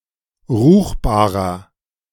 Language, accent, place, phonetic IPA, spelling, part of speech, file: German, Germany, Berlin, [ˈʁuːxbaːʁɐ], ruchbarer, adjective, De-ruchbarer.ogg
- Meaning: inflection of ruchbar: 1. strong/mixed nominative masculine singular 2. strong genitive/dative feminine singular 3. strong genitive plural